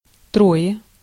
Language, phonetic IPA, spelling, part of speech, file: Russian, [ˈtroje], трое, numeral, Ru-трое.ogg
- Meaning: three (in a group together), three of them